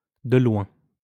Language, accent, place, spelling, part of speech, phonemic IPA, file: French, France, Lyon, de loin, prepositional phrase, /də lwɛ̃/, LL-Q150 (fra)-de loin.wav
- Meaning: 1. from far 2. by far, easily, hands down (without doubt)